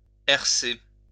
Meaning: to harrow (drag a harrow over)
- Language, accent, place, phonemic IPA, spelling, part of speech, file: French, France, Lyon, /ɛʁ.se/, herser, verb, LL-Q150 (fra)-herser.wav